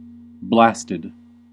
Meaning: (verb) simple past and past participle of blast; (adjective) 1. Subjected to an explosion 2. Subjected to violent gusts of wind; storm-damaged 3. Whose branches bear no leaves; leafless
- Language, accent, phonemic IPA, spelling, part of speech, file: English, US, /ˈblæs.tɪd/, blasted, verb / adjective / adverb, En-us-blasted.ogg